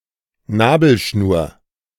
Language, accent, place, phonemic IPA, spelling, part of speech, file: German, Germany, Berlin, /ˈnaːbəlˌʃnuːɐ̯/, Nabelschnur, noun, De-Nabelschnur.ogg
- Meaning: umbilical cord